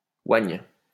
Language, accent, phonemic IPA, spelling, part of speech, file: French, France, /waɲ/, oigne, verb, LL-Q150 (fra)-oigne.wav
- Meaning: first/third-person singular present subjunctive of oindre